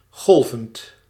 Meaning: present participle of golven
- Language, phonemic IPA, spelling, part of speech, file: Dutch, /ˈɣɔlvənt/, golvend, verb / adjective, Nl-golvend.ogg